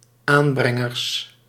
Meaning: plural of aanbrenger
- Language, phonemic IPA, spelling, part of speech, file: Dutch, /ˈambrɛŋərs/, aanbrengers, noun, Nl-aanbrengers.ogg